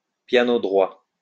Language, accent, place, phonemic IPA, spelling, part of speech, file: French, France, Lyon, /pja.no dʁwa/, piano droit, noun, LL-Q150 (fra)-piano droit.wav
- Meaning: upright piano